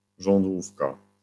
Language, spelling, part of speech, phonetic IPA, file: Polish, żądłówka, noun, [ʒɔ̃ndˈwufka], LL-Q809 (pol)-żądłówka.wav